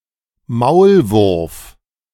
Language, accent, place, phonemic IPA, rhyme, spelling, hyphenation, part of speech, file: German, Germany, Berlin, /ˈmaʊ̯lˌvʊʁf/, -ʊʁf, Maulwurf, Maul‧wurf, noun, De-Maulwurf.ogg
- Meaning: 1. mole (small, burrowing insectivore of the family Talpidae) 2. mole (internal spy)